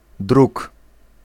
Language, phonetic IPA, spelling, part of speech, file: Polish, [druk], druk, noun, Pl-druk.ogg